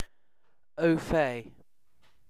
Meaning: Being familiar with or informed about something
- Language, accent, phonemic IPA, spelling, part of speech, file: English, UK, /ˌəʊˈfeɪ/, au fait, adjective, En-uk-au fait.ogg